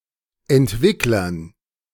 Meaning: dative plural of Entwickler
- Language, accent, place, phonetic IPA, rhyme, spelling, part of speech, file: German, Germany, Berlin, [ɛntˈvɪklɐn], -ɪklɐn, Entwicklern, noun, De-Entwicklern.ogg